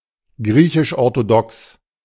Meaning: Greek Orthodox
- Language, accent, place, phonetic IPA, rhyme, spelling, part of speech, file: German, Germany, Berlin, [ˈɡʁiːçɪʃʔɔʁtoˈdɔks], -ɔks, griechisch-orthodox, adjective, De-griechisch-orthodox.ogg